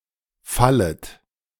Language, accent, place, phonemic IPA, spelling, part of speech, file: German, Germany, Berlin, /ˈfalət/, fallet, verb, De-fallet.ogg
- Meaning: second-person plural subjunctive I of fallen